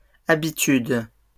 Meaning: plural of habitude
- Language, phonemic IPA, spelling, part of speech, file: French, /a.bi.tyd/, habitudes, noun, LL-Q150 (fra)-habitudes.wav